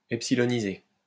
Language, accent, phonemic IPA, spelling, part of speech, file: French, France, /ɛp.si.lɔ.ni.ze/, epsiloniser, verb, LL-Q150 (fra)-epsiloniser.wav
- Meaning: to epsilonize